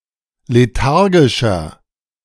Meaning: 1. comparative degree of lethargisch 2. inflection of lethargisch: strong/mixed nominative masculine singular 3. inflection of lethargisch: strong genitive/dative feminine singular
- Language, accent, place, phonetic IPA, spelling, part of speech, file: German, Germany, Berlin, [leˈtaʁɡɪʃɐ], lethargischer, adjective, De-lethargischer.ogg